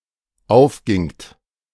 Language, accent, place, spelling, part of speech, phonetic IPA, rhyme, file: German, Germany, Berlin, aufgingt, verb, [ˈaʊ̯fˌɡɪŋt], -aʊ̯fɡɪŋt, De-aufgingt.ogg
- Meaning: second-person plural dependent preterite of aufgehen